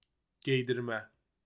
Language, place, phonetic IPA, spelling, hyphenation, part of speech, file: Azerbaijani, Baku, [ɟejdirˈmæ], geydirmə, gey‧dir‧mə, noun / adjective, Az-az-geydirmə.ogg
- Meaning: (noun) 1. verbal noun of geydirmək (“to cloth someone”) 2. forgery, fabrication, counterfeit, fake; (adjective) forged, counterfeit, fake